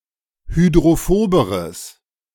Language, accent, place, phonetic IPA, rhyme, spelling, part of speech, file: German, Germany, Berlin, [hydʁoˈfoːbəʁəs], -oːbəʁəs, hydrophoberes, adjective, De-hydrophoberes.ogg
- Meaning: strong/mixed nominative/accusative neuter singular comparative degree of hydrophob